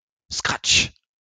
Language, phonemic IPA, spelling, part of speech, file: French, /skʁatʃ/, scratch, noun, LL-Q150 (fra)-scratch.wav
- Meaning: Velcro